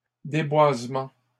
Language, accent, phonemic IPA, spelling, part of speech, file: French, Canada, /de.bwaz.mɑ̃/, déboisements, noun, LL-Q150 (fra)-déboisements.wav
- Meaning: plural of déboisement